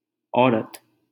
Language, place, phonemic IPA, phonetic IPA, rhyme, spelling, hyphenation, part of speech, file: Hindi, Delhi, /ɔː.ɾət̪/, [ɔː.ɾɐt̪], -ət̪, औरत, औ‧रत, noun, LL-Q1568 (hin)-औरत.wav
- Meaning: 1. woman 2. wife